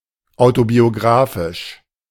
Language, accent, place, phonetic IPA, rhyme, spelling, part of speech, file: German, Germany, Berlin, [ˌaʊ̯tobioˈɡʁaːfɪʃ], -aːfɪʃ, autobiografisch, adjective, De-autobiografisch.ogg
- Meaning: autobiographical